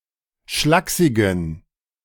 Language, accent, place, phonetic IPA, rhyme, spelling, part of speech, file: German, Germany, Berlin, [ˈʃlaːksɪɡn̩], -aːksɪɡn̩, schlaksigen, adjective, De-schlaksigen.ogg
- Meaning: inflection of schlaksig: 1. strong genitive masculine/neuter singular 2. weak/mixed genitive/dative all-gender singular 3. strong/weak/mixed accusative masculine singular 4. strong dative plural